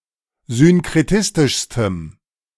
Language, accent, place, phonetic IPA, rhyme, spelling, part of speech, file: German, Germany, Berlin, [zʏnkʁeˈtɪstɪʃstəm], -ɪstɪʃstəm, synkretistischstem, adjective, De-synkretistischstem.ogg
- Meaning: strong dative masculine/neuter singular superlative degree of synkretistisch